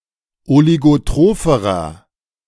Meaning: inflection of oligotroph: 1. strong/mixed nominative masculine singular comparative degree 2. strong genitive/dative feminine singular comparative degree 3. strong genitive plural comparative degree
- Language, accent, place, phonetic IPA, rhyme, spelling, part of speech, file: German, Germany, Berlin, [oliɡoˈtʁoːfəʁɐ], -oːfəʁɐ, oligotropherer, adjective, De-oligotropherer.ogg